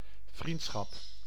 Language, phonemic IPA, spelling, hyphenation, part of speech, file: Dutch, /ˈvrint.sxɑp/, vriendschap, vriend‧schap, noun, Nl-vriendschap.ogg
- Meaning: friendship